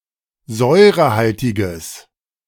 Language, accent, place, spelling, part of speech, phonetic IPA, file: German, Germany, Berlin, säurehaltiges, adjective, [ˈzɔɪ̯ʁəˌhaltɪɡəs], De-säurehaltiges.ogg
- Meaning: strong/mixed nominative/accusative neuter singular of säurehaltig